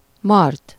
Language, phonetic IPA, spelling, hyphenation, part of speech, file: Hungarian, [ˈmɒrt], mart, mart, verb, Hu-mart.ogg
- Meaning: 1. third-person singular indicative past indefinite of mar 2. past participle of mar